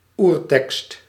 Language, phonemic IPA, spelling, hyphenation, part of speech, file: Dutch, /ˈur.tɛkst/, oertekst, oer‧tekst, noun, Nl-oertekst.ogg
- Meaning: 1. original version of a text 2. ancient text